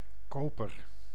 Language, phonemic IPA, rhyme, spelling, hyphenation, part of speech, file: Dutch, /ˈkoːpər/, -oːpər, koper, ko‧per, noun / verb, Nl-koper.ogg
- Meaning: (noun) 1. copper (metal, element) 2. buyer; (verb) inflection of koperen: 1. first-person singular present indicative 2. second-person singular present indicative 3. imperative